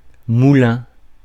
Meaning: 1. mill; windmill 2. moulin 3. paradiddle
- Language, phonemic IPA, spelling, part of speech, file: French, /mu.lɛ̃/, moulin, noun, Fr-moulin.ogg